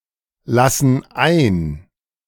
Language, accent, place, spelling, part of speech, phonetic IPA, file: German, Germany, Berlin, lassen ein, verb, [ˌlasn̩ ˈaɪ̯n], De-lassen ein.ogg
- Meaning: inflection of einlassen: 1. first/third-person plural present 2. first/third-person plural subjunctive I